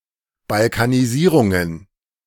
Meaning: plural of Balkanisierung
- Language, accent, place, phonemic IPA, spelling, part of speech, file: German, Germany, Berlin, /balkaniˈziːʁʊŋən/, Balkanisierungen, noun, De-Balkanisierungen.ogg